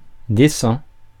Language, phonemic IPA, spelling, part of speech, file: French, /de.sɑ̃/, décent, adjective, Fr-décent.ogg
- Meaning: 1. decent (sufficiently clothed) 2. decent (fair, good enough)